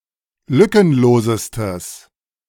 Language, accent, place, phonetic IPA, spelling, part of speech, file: German, Germany, Berlin, [ˈlʏkənˌloːzəstəs], lückenlosestes, adjective, De-lückenlosestes.ogg
- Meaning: strong/mixed nominative/accusative neuter singular superlative degree of lückenlos